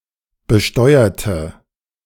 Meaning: inflection of besteuern: 1. first/third-person singular preterite 2. first/third-person singular subjunctive II
- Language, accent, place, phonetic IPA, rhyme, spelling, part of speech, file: German, Germany, Berlin, [bəˈʃtɔɪ̯ɐtə], -ɔɪ̯ɐtə, besteuerte, adjective / verb, De-besteuerte.ogg